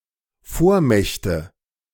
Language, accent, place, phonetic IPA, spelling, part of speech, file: German, Germany, Berlin, [ˈfoːɐ̯ˌmɛçtə], Vormächte, noun, De-Vormächte.ogg
- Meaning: nominative/accusative/genitive plural of Vormacht